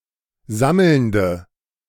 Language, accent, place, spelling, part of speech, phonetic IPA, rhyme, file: German, Germany, Berlin, sammelnde, adjective, [ˈzaml̩ndə], -aml̩ndə, De-sammelnde.ogg
- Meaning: inflection of sammelnd: 1. strong/mixed nominative/accusative feminine singular 2. strong nominative/accusative plural 3. weak nominative all-gender singular